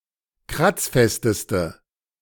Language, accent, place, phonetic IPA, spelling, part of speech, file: German, Germany, Berlin, [ˈkʁat͡sˌfɛstəstə], kratzfesteste, adjective, De-kratzfesteste.ogg
- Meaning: inflection of kratzfest: 1. strong/mixed nominative/accusative feminine singular superlative degree 2. strong nominative/accusative plural superlative degree